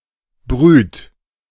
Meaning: inflection of brühen: 1. second-person plural present 2. third-person singular present 3. plural imperative
- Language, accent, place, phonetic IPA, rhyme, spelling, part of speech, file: German, Germany, Berlin, [bʁyːt], -yːt, brüht, verb, De-brüht.ogg